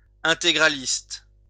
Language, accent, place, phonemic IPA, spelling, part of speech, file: French, France, Lyon, /ɛ̃.te.ɡʁa.list/, intégraliste, adjective / noun, LL-Q150 (fra)-intégraliste.wav
- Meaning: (adjective) integralist